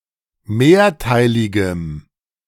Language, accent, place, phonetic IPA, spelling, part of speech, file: German, Germany, Berlin, [ˈmeːɐ̯ˌtaɪ̯lɪɡəm], mehrteiligem, adjective, De-mehrteiligem.ogg
- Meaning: strong dative masculine/neuter singular of mehrteilig